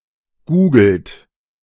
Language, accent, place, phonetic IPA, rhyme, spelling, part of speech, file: German, Germany, Berlin, [ˈɡuːɡl̩t], -uːɡl̩t, googelt, verb, De-googelt.ogg
- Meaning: inflection of googeln: 1. third-person singular present 2. second-person plural present 3. plural imperative